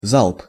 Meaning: salvo, volley
- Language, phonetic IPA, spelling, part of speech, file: Russian, [zaɫp], залп, noun, Ru-залп.ogg